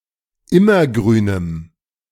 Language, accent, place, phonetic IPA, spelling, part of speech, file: German, Germany, Berlin, [ˈɪmɐˌɡʁyːnəm], immergrünem, adjective, De-immergrünem.ogg
- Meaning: strong dative masculine/neuter singular of immergrün